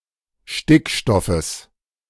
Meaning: genitive singular of Stickstoff
- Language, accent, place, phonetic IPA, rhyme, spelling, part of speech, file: German, Germany, Berlin, [ˈʃtɪkˌʃtɔfəs], -ɪkʃtɔfəs, Stickstoffes, noun, De-Stickstoffes.ogg